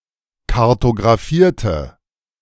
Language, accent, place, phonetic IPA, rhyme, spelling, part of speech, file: German, Germany, Berlin, [kaʁtoɡʁaˈfiːɐ̯tə], -iːɐ̯tə, kartografierte, adjective / verb, De-kartografierte.ogg
- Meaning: inflection of kartografieren: 1. first/third-person singular preterite 2. first/third-person singular subjunctive II